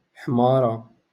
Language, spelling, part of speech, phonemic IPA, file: Moroccan Arabic, حمارة, noun, /ħmaː.ra/, LL-Q56426 (ary)-حمارة.wav
- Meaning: female equivalent of حمار (ḥmār, “ass, donkey”)